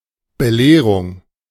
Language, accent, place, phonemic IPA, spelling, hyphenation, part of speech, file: German, Germany, Berlin, /bəˈleːʁʊŋ/, Belehrung, Be‧leh‧rung, noun, De-Belehrung.ogg
- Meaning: instruction